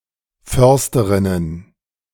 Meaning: plural of Försterin
- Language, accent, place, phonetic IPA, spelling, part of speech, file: German, Germany, Berlin, [ˈfœʁstəʁɪnən], Försterinnen, noun, De-Försterinnen.ogg